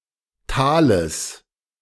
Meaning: genitive singular of Thal
- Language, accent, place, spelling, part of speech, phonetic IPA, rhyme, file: German, Germany, Berlin, Thales, noun, [ˈtaːləs], -aːləs, De-Thales.ogg